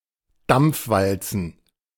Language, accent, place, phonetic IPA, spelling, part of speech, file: German, Germany, Berlin, [ˈdamp͡fˌvalt͡sn̩], Dampfwalzen, noun, De-Dampfwalzen.ogg
- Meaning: plural of Dampfwalze